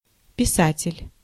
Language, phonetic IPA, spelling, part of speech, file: Russian, [pʲɪˈsatʲɪlʲ], писатель, noun, Ru-писатель.ogg
- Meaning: writer